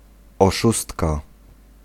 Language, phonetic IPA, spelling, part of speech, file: Polish, [ɔˈʃustka], oszustka, noun, Pl-oszustka.ogg